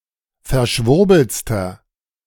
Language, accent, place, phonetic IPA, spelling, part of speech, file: German, Germany, Berlin, [fɛɐ̯ˈʃvʊʁbl̩t͡stɐ], verschwurbeltster, adjective, De-verschwurbeltster.ogg
- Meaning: inflection of verschwurbelt: 1. strong/mixed nominative masculine singular superlative degree 2. strong genitive/dative feminine singular superlative degree